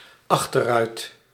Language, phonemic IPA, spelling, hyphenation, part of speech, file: Dutch, /ˈɑx.tə(r)ˌrœy̯t/, achterruit, ach‧ter‧ruit, noun, Nl-achterruit.ogg
- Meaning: rear window (of a car)